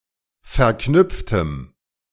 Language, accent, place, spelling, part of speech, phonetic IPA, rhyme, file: German, Germany, Berlin, verknüpftem, adjective, [fɛɐ̯ˈknʏp͡ftəm], -ʏp͡ftəm, De-verknüpftem.ogg
- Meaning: strong dative masculine/neuter singular of verknüpft